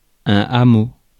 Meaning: hamlet
- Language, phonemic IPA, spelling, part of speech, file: French, /a.mo/, hameau, noun, Fr-hameau.ogg